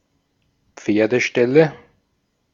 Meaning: nominative/accusative/genitive plural of Pferdestall
- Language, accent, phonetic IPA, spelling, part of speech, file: German, Austria, [ˈp͡feːɐ̯dəˌʃtɛlə], Pferdeställe, noun, De-at-Pferdeställe.ogg